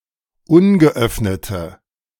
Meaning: inflection of ungeöffnet: 1. strong/mixed nominative/accusative feminine singular 2. strong nominative/accusative plural 3. weak nominative all-gender singular
- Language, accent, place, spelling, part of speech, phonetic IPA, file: German, Germany, Berlin, ungeöffnete, adjective, [ˈʊnɡəˌʔœfnətə], De-ungeöffnete.ogg